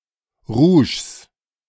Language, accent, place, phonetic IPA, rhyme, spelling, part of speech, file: German, Germany, Berlin, [ʁuːʃs], -uːʃs, Rouges, noun, De-Rouges.ogg
- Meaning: plural of Rouge